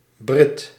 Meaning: Brit, Briton
- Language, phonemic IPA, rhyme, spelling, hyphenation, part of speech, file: Dutch, /brɪt/, -ɪt, Brit, Brit, noun, Nl-Brit.ogg